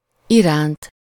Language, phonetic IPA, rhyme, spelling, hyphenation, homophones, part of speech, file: Hungarian, [ˈiraːnt], -aːnt, iránt, iránt, Iránt, postposition, Hu-iránt.ogg
- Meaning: 1. towards, for, to (by an emotion) 2. towards (physically in the direction of something)